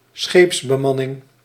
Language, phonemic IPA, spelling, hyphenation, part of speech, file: Dutch, /ˈsxeːps.bəˌmɑ.nɪŋ/, scheepsbemanning, scheeps‧be‧man‧ning, noun, Nl-scheepsbemanning.ogg
- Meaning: the crew of a ship